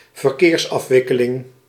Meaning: traffic flow
- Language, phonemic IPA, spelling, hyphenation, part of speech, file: Dutch, /vərˈkeːrs.ɑf.ʋɪ.kə.lɪŋ/, verkeersafwikkeling, ver‧keers‧af‧wik‧ke‧ling, noun, Nl-verkeersafwikkeling.ogg